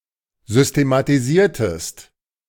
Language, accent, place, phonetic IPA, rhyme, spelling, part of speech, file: German, Germany, Berlin, [ˌzʏstematiˈziːɐ̯təst], -iːɐ̯təst, systematisiertest, verb, De-systematisiertest.ogg
- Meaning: inflection of systematisieren: 1. second-person singular preterite 2. second-person singular subjunctive II